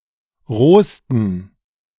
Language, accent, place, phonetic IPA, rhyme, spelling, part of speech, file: German, Germany, Berlin, [ˈʁoːstn̩], -oːstn̩, rohsten, adjective, De-rohsten.ogg
- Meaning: 1. superlative degree of roh 2. inflection of roh: strong genitive masculine/neuter singular superlative degree 3. inflection of roh: weak/mixed genitive/dative all-gender singular superlative degree